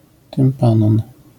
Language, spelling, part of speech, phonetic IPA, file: Polish, tympanon, noun, [tɨ̃mˈpãnɔ̃n], LL-Q809 (pol)-tympanon.wav